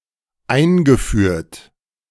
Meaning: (verb) past participle of einführen; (adjective) 1. introduced, established, inaugurated 2. imported
- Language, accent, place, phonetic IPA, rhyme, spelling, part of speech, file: German, Germany, Berlin, [ˈaɪ̯nɡəˌfyːɐ̯t], -aɪ̯nɡəfyːɐ̯t, eingeführt, verb, De-eingeführt.ogg